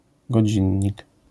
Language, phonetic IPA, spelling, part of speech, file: Polish, [ɡɔˈd͡ʑĩɲːik], godzinnik, noun, LL-Q809 (pol)-godzinnik.wav